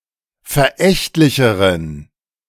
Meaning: inflection of verächtlich: 1. strong genitive masculine/neuter singular comparative degree 2. weak/mixed genitive/dative all-gender singular comparative degree
- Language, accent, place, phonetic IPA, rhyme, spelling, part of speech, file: German, Germany, Berlin, [fɛɐ̯ˈʔɛçtlɪçəʁən], -ɛçtlɪçəʁən, verächtlicheren, adjective, De-verächtlicheren.ogg